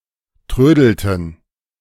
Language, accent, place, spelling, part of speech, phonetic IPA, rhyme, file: German, Germany, Berlin, trödelten, verb, [ˈtʁøːdl̩tn̩], -øːdl̩tn̩, De-trödelten.ogg
- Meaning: inflection of trödeln: 1. first/third-person plural preterite 2. first/third-person plural subjunctive II